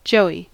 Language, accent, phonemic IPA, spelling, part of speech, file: English, US, /ˈd͡ʒoʊ.i/, joey, noun, En-us-joey.ogg
- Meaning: 1. The immature young of a marsupial, notably a junior kangaroo, but also a young wallaby, koala, etc 2. A young child 3. Ellipsis of joey word 4. A parcel smuggled in to an inmate 5. A kind of clown